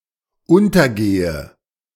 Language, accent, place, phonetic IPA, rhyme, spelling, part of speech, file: German, Germany, Berlin, [ˈʊntɐˌɡeːə], -ʊntɐɡeːə, untergehe, verb, De-untergehe.ogg
- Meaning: inflection of untergehen: 1. first-person singular dependent present 2. first/third-person singular dependent subjunctive I